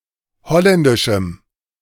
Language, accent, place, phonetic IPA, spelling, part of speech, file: German, Germany, Berlin, [ˈhɔlɛndɪʃm̩], holländischem, adjective, De-holländischem.ogg
- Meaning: strong dative masculine/neuter singular of holländisch